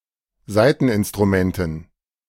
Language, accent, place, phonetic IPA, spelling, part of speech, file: German, Germany, Berlin, [ˈzaɪ̯tn̩ʔɪnstʁuˌmɛntn̩], Saiteninstrumenten, noun, De-Saiteninstrumenten.ogg
- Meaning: dative plural of Saiteninstrument